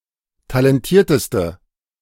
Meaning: inflection of talentiert: 1. strong/mixed nominative/accusative feminine singular superlative degree 2. strong nominative/accusative plural superlative degree
- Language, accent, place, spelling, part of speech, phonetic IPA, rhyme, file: German, Germany, Berlin, talentierteste, adjective, [talɛnˈtiːɐ̯təstə], -iːɐ̯təstə, De-talentierteste.ogg